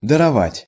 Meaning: to grant
- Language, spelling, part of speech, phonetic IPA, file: Russian, даровать, verb, [dərɐˈvatʲ], Ru-даровать.ogg